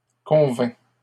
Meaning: third-person singular imperfect subjunctive of convenir
- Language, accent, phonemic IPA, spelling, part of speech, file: French, Canada, /kɔ̃.vɛ̃/, convînt, verb, LL-Q150 (fra)-convînt.wav